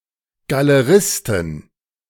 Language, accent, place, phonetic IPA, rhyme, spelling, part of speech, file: German, Germany, Berlin, [ɡaləˈʁɪstn̩], -ɪstn̩, Galeristen, noun, De-Galeristen.ogg
- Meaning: plural of Galerist